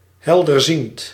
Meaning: sibylline, clairvoyant
- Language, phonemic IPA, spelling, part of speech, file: Dutch, /ˌhɛldərˈzint/, helderziend, adjective, Nl-helderziend.ogg